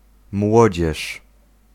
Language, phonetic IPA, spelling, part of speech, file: Polish, [ˈmwɔd͡ʑɛʃ], młodzież, noun, Pl-młodzież.ogg